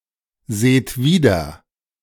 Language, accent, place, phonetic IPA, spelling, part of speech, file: German, Germany, Berlin, [ˌzeːt ˈviːdɐ], seht wieder, verb, De-seht wieder.ogg
- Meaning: inflection of wiedersehen: 1. second-person plural present 2. plural imperative